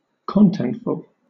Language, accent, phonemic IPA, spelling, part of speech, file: English, Southern England, /ˈkɒn.tɛnt.fəɫ/, contentful, adjective, LL-Q1860 (eng)-contentful.wav
- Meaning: Having content